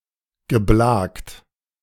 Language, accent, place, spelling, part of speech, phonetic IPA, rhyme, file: German, Germany, Berlin, geblakt, verb, [ɡəˈblaːkt], -aːkt, De-geblakt.ogg
- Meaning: past participle of blaken